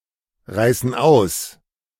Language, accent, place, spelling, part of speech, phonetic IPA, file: German, Germany, Berlin, reißen aus, verb, [ˌʁaɪ̯sn̩ ˈaʊ̯s], De-reißen aus.ogg
- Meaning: inflection of ausreißen: 1. first/third-person plural present 2. first/third-person plural subjunctive I